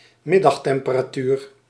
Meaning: afternoon temperature, noon temperature
- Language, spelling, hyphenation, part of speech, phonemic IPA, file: Dutch, middagtemperatuur, mid‧dag‧tem‧pe‧ra‧tuur, noun, /ˈmɪ.dɑx.tɛm.pə.raːˌtyːr/, Nl-middagtemperatuur.ogg